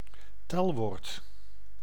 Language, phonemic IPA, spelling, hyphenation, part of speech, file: Dutch, /ˈtɛl.ʋoːrt/, telwoord, tel‧woord, noun, Nl-telwoord.ogg
- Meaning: 1. numeral 2. measure word, counter (class of word used along with numerals to count objects)